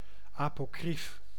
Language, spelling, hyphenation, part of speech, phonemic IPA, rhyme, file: Dutch, apocrief, apo‧crief, adjective, /ˌaː.poːˈkrif/, -if, Nl-apocrief.ogg
- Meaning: apocryphal